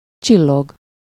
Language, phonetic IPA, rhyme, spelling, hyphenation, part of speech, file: Hungarian, [ˈt͡ʃilːoɡ], -oɡ, csillog, csil‧log, verb, Hu-csillog.ogg
- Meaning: to shine, glitter, sparkle